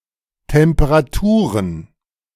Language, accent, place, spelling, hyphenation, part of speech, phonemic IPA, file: German, Germany, Berlin, Temperaturen, Tem‧pe‧ra‧tu‧ren, noun, /tɛmpəʁaˈtuːʁən/, De-Temperaturen.ogg
- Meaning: plural of Temperatur